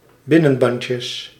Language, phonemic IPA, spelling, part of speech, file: Dutch, /ˈbɪnənˌbɑɲcjəs/, binnenbandjes, noun, Nl-binnenbandjes.ogg
- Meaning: plural of binnenbandje